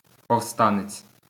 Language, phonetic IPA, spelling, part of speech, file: Ukrainian, [pɔu̯ˈstanet͡sʲ], повстанець, noun, LL-Q8798 (ukr)-повстанець.wav
- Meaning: rebel, insurgent, insurrectionist